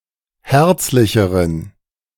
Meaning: inflection of herzlich: 1. strong genitive masculine/neuter singular comparative degree 2. weak/mixed genitive/dative all-gender singular comparative degree
- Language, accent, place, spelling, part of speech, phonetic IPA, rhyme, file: German, Germany, Berlin, herzlicheren, adjective, [ˈhɛʁt͡slɪçəʁən], -ɛʁt͡slɪçəʁən, De-herzlicheren.ogg